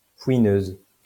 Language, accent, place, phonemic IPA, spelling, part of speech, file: French, France, Lyon, /fwi.nøz/, fouineuse, noun, LL-Q150 (fra)-fouineuse.wav
- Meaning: female equivalent of fouineur